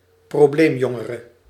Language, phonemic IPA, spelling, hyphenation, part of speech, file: Dutch, /proːˈbleːmˌjɔ.ŋə.rə/, probleemjongere, pro‧bleem‧jon‧ge‧re, noun, Nl-probleemjongere.ogg
- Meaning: troubled youth, problem youth